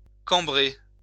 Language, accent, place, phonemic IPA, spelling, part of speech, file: French, France, Lyon, /kɑ̃.bʁe/, cambrer, verb, LL-Q150 (fra)-cambrer.wav
- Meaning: to arch (one's back, feet, etc.)